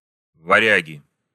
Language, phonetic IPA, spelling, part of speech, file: Russian, [vɐˈrʲæɡʲɪ], варяги, noun, Ru-варяги.ogg
- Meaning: nominative plural of варя́г (varjág)